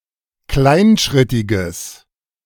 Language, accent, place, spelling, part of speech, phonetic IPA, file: German, Germany, Berlin, kleinschrittiges, adjective, [ˈklaɪ̯nˌʃʁɪtɪɡəs], De-kleinschrittiges.ogg
- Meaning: strong/mixed nominative/accusative neuter singular of kleinschrittig